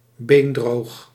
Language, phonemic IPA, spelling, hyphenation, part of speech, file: Dutch, /beːnˈdroːx/, beendroog, been‧droog, adjective, Nl-beendroog.ogg
- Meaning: bone-dry (very dry)